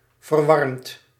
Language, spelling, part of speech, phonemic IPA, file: Dutch, verwarmd, verb, /vərˈwɑrᵊmt/, Nl-verwarmd.ogg
- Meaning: past participle of verwarmen